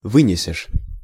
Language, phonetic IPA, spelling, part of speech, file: Russian, [ˈvɨnʲɪsʲɪʂ], вынесешь, verb, Ru-вынесешь.ogg
- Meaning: second-person singular future indicative perfective of вы́нести (výnesti)